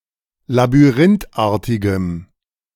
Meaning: strong dative masculine/neuter singular of labyrinthartig
- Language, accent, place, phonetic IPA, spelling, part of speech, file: German, Germany, Berlin, [labyˈʁɪntˌʔaːɐ̯tɪɡəm], labyrinthartigem, adjective, De-labyrinthartigem.ogg